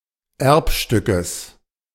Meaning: genitive singular of Erbstück
- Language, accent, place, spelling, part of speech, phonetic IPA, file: German, Germany, Berlin, Erbstückes, noun, [ˈɛʁpˌʃtʏkəs], De-Erbstückes.ogg